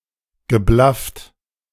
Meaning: past participle of blaffen
- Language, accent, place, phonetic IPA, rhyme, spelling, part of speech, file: German, Germany, Berlin, [ɡəˈblaft], -aft, geblafft, verb, De-geblafft.ogg